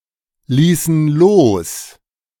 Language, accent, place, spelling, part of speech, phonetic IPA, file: German, Germany, Berlin, ließen los, verb, [ˌliːsn̩ ˈloːs], De-ließen los.ogg
- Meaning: inflection of loslassen: 1. first/third-person plural preterite 2. first/third-person plural subjunctive II